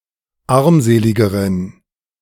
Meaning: inflection of armselig: 1. strong genitive masculine/neuter singular comparative degree 2. weak/mixed genitive/dative all-gender singular comparative degree
- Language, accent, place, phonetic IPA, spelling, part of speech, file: German, Germany, Berlin, [ˈaʁmˌzeːlɪɡəʁən], armseligeren, adjective, De-armseligeren.ogg